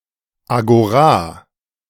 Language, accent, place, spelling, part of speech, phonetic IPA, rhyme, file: German, Germany, Berlin, Agora, noun, [aɡoˈʁaː], -aː, De-Agora.ogg
- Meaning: agora